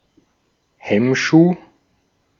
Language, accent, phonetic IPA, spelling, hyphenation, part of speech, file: German, Austria, [ˈhɛmˌʃuː], Hemmschuh, Hemm‧schuh, noun, De-at-Hemmschuh.ogg
- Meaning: 1. break block (a transportable device used to slow down or stop moving railway cars) 2. chock, wheel chock, scotch 3. hindrance